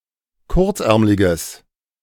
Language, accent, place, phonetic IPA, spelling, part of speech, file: German, Germany, Berlin, [ˈkʊʁt͡sˌʔɛʁmlɪɡəs], kurzärmliges, adjective, De-kurzärmliges.ogg
- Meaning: strong/mixed nominative/accusative neuter singular of kurzärmlig